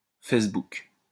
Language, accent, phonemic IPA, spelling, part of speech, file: French, France, /fɛs.buk/, Fessebouc, proper noun, LL-Q150 (fra)-Fessebouc.wav
- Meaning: Facebook